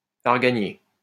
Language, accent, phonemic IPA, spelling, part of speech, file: French, France, /aʁ.ɡa.nje/, arganier, noun, LL-Q150 (fra)-arganier.wav
- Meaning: argan tree